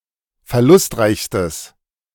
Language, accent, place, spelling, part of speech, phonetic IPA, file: German, Germany, Berlin, verlustreichstes, adjective, [fɛɐ̯ˈlʊstˌʁaɪ̯çstəs], De-verlustreichstes.ogg
- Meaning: strong/mixed nominative/accusative neuter singular superlative degree of verlustreich